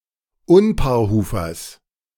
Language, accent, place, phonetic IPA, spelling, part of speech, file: German, Germany, Berlin, [ˈʊnpaːɐ̯ˌhuːfɐs], Unpaarhufers, noun, De-Unpaarhufers.ogg
- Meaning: genitive of Unpaarhufer